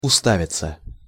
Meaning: 1. to find, to have room, to find / to have a place 2. to stare, to fix one's eyes on, to gaze 3. passive of уста́вить (ustávitʹ)
- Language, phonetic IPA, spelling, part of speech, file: Russian, [ʊˈstavʲɪt͡sə], уставиться, verb, Ru-уставиться.ogg